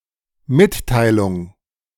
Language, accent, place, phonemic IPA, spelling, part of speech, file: German, Germany, Berlin, /ˈmɪtˌtaɪ̯lʊŋ/, Mitteilung, noun, De-Mitteilung.ogg
- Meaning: message (communications: Information which is sent from a source to a receiver)